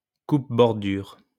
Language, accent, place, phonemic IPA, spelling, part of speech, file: French, France, Lyon, /kup.bɔʁ.dyʁ/, coupe-bordure, noun, LL-Q150 (fra)-coupe-bordure.wav
- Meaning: strimmer, grass trimmer, edge trimmer, edger, string trimmer, weedwhacker